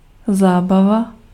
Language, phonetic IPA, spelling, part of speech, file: Czech, [ˈzaːbava], zábava, noun, Cs-zábava.ogg
- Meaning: 1. fun, entertainment, amusement 2. rural dancing event 3. talk, conversation